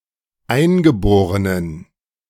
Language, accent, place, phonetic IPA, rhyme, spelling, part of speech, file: German, Germany, Berlin, [ˈaɪ̯nɡəˌboːʁənən], -aɪ̯nɡəboːʁənən, eingeborenen, adjective, De-eingeborenen.ogg
- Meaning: inflection of eingeboren: 1. strong genitive masculine/neuter singular 2. weak/mixed genitive/dative all-gender singular 3. strong/weak/mixed accusative masculine singular 4. strong dative plural